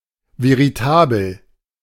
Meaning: veritable
- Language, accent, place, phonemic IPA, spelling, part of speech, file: German, Germany, Berlin, /veʁiˈtaːbəl/, veritabel, adjective, De-veritabel.ogg